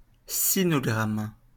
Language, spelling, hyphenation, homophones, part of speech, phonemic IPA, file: French, sinogramme, si‧no‧gramme, sinogrammes, noun, /si.nɔ.ɡʁam/, LL-Q150 (fra)-sinogramme.wav
- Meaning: Chinese character